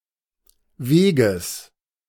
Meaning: genitive singular of Weg
- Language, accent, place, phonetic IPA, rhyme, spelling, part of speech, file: German, Germany, Berlin, [ˈveːɡəs], -eːɡəs, Weges, noun, De-Weges.ogg